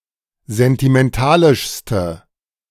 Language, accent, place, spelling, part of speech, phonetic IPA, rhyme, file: German, Germany, Berlin, sentimentalischste, adjective, [zɛntimɛnˈtaːlɪʃstə], -aːlɪʃstə, De-sentimentalischste.ogg
- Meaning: inflection of sentimentalisch: 1. strong/mixed nominative/accusative feminine singular superlative degree 2. strong nominative/accusative plural superlative degree